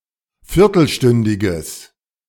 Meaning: strong/mixed nominative/accusative neuter singular of viertelstündig
- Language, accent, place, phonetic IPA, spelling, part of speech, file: German, Germany, Berlin, [ˈfɪʁtl̩ˌʃtʏndɪɡəs], viertelstündiges, adjective, De-viertelstündiges.ogg